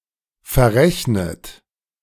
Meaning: 1. past participle of verrechnen 2. inflection of verrechnen: third-person singular present 3. inflection of verrechnen: second-person plural present
- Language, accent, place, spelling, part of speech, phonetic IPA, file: German, Germany, Berlin, verrechnet, verb, [fɛɐ̯ˈʁɛçnət], De-verrechnet.ogg